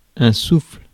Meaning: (noun) 1. blowing (act of expelling air from the mouth) 2. a breeze, a gust (movement of wind) 3. a breath, or the act of breathing
- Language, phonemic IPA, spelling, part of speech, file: French, /sufl/, souffle, noun / verb, Fr-souffle.ogg